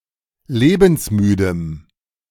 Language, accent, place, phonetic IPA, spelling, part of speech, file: German, Germany, Berlin, [ˈleːbn̩sˌmyːdəm], lebensmüdem, adjective, De-lebensmüdem.ogg
- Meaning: strong dative masculine/neuter singular of lebensmüde